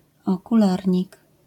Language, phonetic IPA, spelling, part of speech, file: Polish, [ˌɔkuˈlarʲɲik], okularnik, noun, LL-Q809 (pol)-okularnik.wav